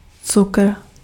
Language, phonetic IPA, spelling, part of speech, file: Czech, [ˈt͡sukr̩], cukr, noun, Cs-cukr.ogg
- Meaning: sugar